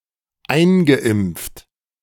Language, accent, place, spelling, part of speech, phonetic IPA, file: German, Germany, Berlin, eingeimpft, verb, [ˈaɪ̯nɡəˌʔɪmp͡ft], De-eingeimpft.ogg
- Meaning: past participle of einimpfen